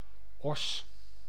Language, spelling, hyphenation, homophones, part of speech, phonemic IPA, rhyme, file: Dutch, Oss, Oss, os, proper noun, /ɔs/, -ɔs, Nl-Oss.ogg
- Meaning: Oss (a city and municipality of North Brabant, Netherlands)